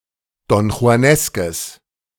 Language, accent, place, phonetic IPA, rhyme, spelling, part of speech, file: German, Germany, Berlin, [dɔnxu̯aˈnɛskəs], -ɛskəs, donjuaneskes, adjective, De-donjuaneskes.ogg
- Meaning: strong/mixed nominative/accusative neuter singular of donjuanesk